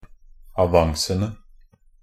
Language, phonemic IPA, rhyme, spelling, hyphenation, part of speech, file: Norwegian Bokmål, /aˈʋaŋsənə/, -ənə, avancene, a‧van‧ce‧ne, noun, Nb-avancene.ogg
- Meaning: definite plural of avance